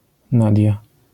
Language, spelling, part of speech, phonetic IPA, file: Polish, Nadia, proper noun, [ˈnadʲja], LL-Q809 (pol)-Nadia.wav